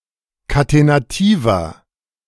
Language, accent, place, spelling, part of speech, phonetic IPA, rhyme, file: German, Germany, Berlin, katenativer, adjective, [katenaˈtiːvɐ], -iːvɐ, De-katenativer.ogg
- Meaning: inflection of katenativ: 1. strong/mixed nominative masculine singular 2. strong genitive/dative feminine singular 3. strong genitive plural